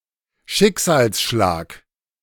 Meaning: blow; (personal) calamity (an unfortunate, life-changing occurrence)
- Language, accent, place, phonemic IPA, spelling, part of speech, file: German, Germany, Berlin, /ˈʃɪkzaːlsˌʃlaːk/, Schicksalsschlag, noun, De-Schicksalsschlag.ogg